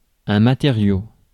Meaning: material
- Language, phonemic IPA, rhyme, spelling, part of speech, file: French, /ma.te.ʁjo/, -jo, matériau, noun, Fr-matériau.ogg